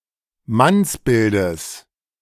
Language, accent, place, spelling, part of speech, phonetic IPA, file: German, Germany, Berlin, Mannsbildes, noun, [ˈmansˌbɪldəs], De-Mannsbildes.ogg
- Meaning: genitive singular of Mannsbild